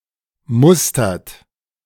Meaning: inflection of mustern: 1. third-person singular present 2. second-person plural present 3. plural imperative
- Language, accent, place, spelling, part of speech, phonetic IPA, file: German, Germany, Berlin, mustert, verb, [ˈmʊstɐt], De-mustert.ogg